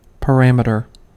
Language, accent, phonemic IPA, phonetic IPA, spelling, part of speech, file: English, US, /pəˈɹæm.ə.tɚ/, [pəˈɹæm.ə.ɾɚ], parameter, noun, En-us-parameter.ogg
- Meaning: A value kept constant during an experiment, equation, calculation, or similar, but varied over other versions of the experiment, equation, calculation, etc